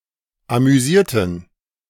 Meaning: inflection of amüsieren: 1. first/third-person plural preterite 2. first/third-person plural subjunctive II
- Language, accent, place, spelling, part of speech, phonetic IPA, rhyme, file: German, Germany, Berlin, amüsierten, adjective / verb, [amyˈziːɐ̯tn̩], -iːɐ̯tn̩, De-amüsierten.ogg